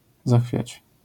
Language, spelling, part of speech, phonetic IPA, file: Polish, zachwiać, verb, [ˈzaxfʲjät͡ɕ], LL-Q809 (pol)-zachwiać.wav